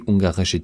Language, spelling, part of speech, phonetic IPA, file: German, ungarische, adjective, [ˈʊŋɡaʁɪʃə], De-ungarische.ogg
- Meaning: inflection of ungarisch: 1. strong/mixed nominative/accusative feminine singular 2. strong nominative/accusative plural 3. weak nominative all-gender singular